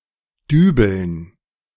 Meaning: to dowel, to employ wall plugs to fasten something
- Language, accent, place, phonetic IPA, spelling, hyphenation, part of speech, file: German, Germany, Berlin, [ˈdyːbl̩n], dübeln, dü‧beln, verb, De-dübeln.ogg